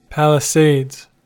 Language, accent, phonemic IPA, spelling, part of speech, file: English, US, /palɪseɪdz/, Palisades, proper noun, En-us-Palisades.ogg
- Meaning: 1. A line of steep cliffs along the western bank of the Hudson River in New Jersey 2. A group of peaks in the central part of the Sierra Nevada, California